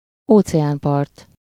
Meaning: ocean shore
- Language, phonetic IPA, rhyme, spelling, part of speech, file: Hungarian, [ˈoːt͡sɛaːmpɒrt], -ɒrt, óceánpart, noun, Hu-óceánpart.ogg